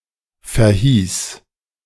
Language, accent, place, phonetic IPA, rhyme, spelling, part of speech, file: German, Germany, Berlin, [fɛɐ̯ˈhiːs], -iːs, verhieß, verb, De-verhieß.ogg
- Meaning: first/third-person singular preterite of verheißen